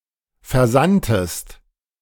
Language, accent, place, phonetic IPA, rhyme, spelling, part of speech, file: German, Germany, Berlin, [fɛɐ̯ˈzantəst], -antəst, versandtest, verb, De-versandtest.ogg
- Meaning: inflection of versenden: 1. second-person singular preterite 2. second-person singular subjunctive II